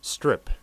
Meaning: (noun) 1. A long, thin piece of land; any long, thin area 2. A long, thin piece of any material; any such material collectively 3. A comic strip 4. A landing strip 5. A strip steak
- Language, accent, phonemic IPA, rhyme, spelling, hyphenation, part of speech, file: English, US, /ˈstɹɪp/, -ɪp, strip, strip, noun / verb, En-us-strip.ogg